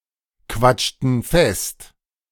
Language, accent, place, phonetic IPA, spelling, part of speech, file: German, Germany, Berlin, [ˌkvat͡ʃtn̩ ˈfɛst], quatschten fest, verb, De-quatschten fest.ogg
- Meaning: inflection of festquatschen: 1. first/third-person plural preterite 2. first/third-person plural subjunctive II